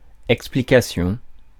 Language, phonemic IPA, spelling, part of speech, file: French, /ɛk.spli.ka.sjɔ̃/, explication, noun, Fr-explication.ogg
- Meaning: explanation